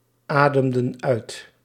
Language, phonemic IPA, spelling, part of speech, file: Dutch, /ˈadəmdə(n) ˈœyt/, ademden uit, verb, Nl-ademden uit.ogg
- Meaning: inflection of uitademen: 1. plural past indicative 2. plural past subjunctive